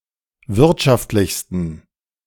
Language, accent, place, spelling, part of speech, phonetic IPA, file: German, Germany, Berlin, wirtschaftlichsten, adjective, [ˈvɪʁtʃaftlɪçstn̩], De-wirtschaftlichsten.ogg
- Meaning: 1. superlative degree of wirtschaftlich 2. inflection of wirtschaftlich: strong genitive masculine/neuter singular superlative degree